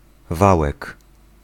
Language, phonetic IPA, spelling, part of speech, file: Polish, [ˈvawɛk], wałek, noun, Pl-wałek.ogg